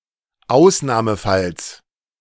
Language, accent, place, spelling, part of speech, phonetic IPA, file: German, Germany, Berlin, Ausnahmefalls, noun, [ˈaʊ̯snaːməˌfals], De-Ausnahmefalls.ogg
- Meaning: genitive singular of Ausnahmefall